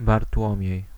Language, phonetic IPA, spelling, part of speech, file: Polish, [bartˈwɔ̃mʲjɛ̇j], Bartłomiej, proper noun, Pl-Bartłomiej.ogg